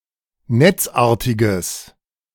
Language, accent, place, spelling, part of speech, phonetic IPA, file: German, Germany, Berlin, netzartiges, adjective, [ˈnɛt͡sˌʔaːɐ̯tɪɡəs], De-netzartiges.ogg
- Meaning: strong/mixed nominative/accusative neuter singular of netzartig